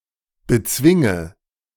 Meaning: inflection of bezwingen: 1. first-person singular present 2. first/third-person singular subjunctive I 3. singular imperative
- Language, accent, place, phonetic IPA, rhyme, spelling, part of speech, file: German, Germany, Berlin, [bəˈt͡svɪŋə], -ɪŋə, bezwinge, verb, De-bezwinge.ogg